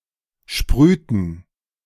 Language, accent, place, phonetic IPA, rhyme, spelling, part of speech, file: German, Germany, Berlin, [ˈʃpʁyːtn̩], -yːtn̩, sprühten, verb, De-sprühten.ogg
- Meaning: inflection of sprühen: 1. first/third-person plural preterite 2. first/third-person plural subjunctive II